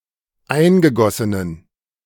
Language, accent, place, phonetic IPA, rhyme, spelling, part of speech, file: German, Germany, Berlin, [ˈaɪ̯nɡəˌɡɔsənən], -aɪ̯nɡəɡɔsənən, eingegossenen, adjective, De-eingegossenen.ogg
- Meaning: inflection of eingegossen: 1. strong genitive masculine/neuter singular 2. weak/mixed genitive/dative all-gender singular 3. strong/weak/mixed accusative masculine singular 4. strong dative plural